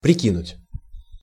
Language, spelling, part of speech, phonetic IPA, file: Russian, прикинуть, verb, [prʲɪˈkʲinʊtʲ], Ru-прикинуть.ogg
- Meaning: 1. to estimate, to make a rough calculation 2. to gauge, to size up, to weigh up 3. to try on 4. to throw in, to add